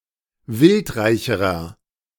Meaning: inflection of wildreich: 1. strong/mixed nominative masculine singular comparative degree 2. strong genitive/dative feminine singular comparative degree 3. strong genitive plural comparative degree
- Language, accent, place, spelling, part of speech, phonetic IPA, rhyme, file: German, Germany, Berlin, wildreicherer, adjective, [ˈvɪltˌʁaɪ̯çəʁɐ], -ɪltʁaɪ̯çəʁɐ, De-wildreicherer.ogg